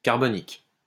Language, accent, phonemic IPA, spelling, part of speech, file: French, France, /kaʁ.bɔ.nik/, carbonique, adjective, LL-Q150 (fra)-carbonique.wav
- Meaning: carbonic